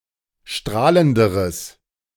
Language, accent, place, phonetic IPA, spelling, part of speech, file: German, Germany, Berlin, [ˈʃtʁaːləndəʁəs], strahlenderes, adjective, De-strahlenderes.ogg
- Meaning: strong/mixed nominative/accusative neuter singular comparative degree of strahlend